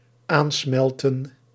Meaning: to melt together, to fuse together
- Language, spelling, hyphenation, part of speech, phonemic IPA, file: Dutch, aansmelten, aan‧smel‧ten, verb, /ˈaːnˌsmɛl.tə(n)/, Nl-aansmelten.ogg